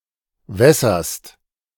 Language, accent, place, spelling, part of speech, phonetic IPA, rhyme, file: German, Germany, Berlin, wässerst, verb, [ˈvɛsɐst], -ɛsɐst, De-wässerst.ogg
- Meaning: second-person singular present of wässern